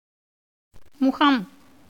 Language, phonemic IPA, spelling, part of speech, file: Tamil, /mʊɡɐm/, முகம், noun, Ta-முகம்.ogg
- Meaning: 1. face 2. front 3. aspect, appearance; form, shape 4. mouth 5. entrance, as of a house 6. look, sight